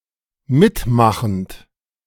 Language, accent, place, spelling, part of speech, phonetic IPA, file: German, Germany, Berlin, mitmachend, verb, [ˈmɪtˌmaxn̩t], De-mitmachend.ogg
- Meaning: present participle of mitmachen